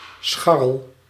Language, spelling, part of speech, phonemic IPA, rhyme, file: Dutch, scharrel, noun / verb, /ˈsxɑ.rəl/, -ɑrəl, Nl-scharrel.ogg
- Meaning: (noun) 1. picking up, seeking a casual sex partner 2. fuckmate, fuckbuddy, person with whom one has an irregular, noncommittal, superficial or early-stage love relationship